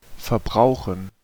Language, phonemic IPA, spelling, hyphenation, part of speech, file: German, /fɐˈbʁaʊ̯χən/, verbrauchen, ver‧brau‧chen, verb, De-verbrauchen.ogg
- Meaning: to consume, to use up